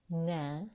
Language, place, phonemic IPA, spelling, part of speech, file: Azerbaijani, Baku, /næ/, nə, pronoun / determiner / conjunction, Az-az-nə.ogg
- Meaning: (pronoun) 1. what 2. whatever; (determiner) what, which; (conjunction) neither; nor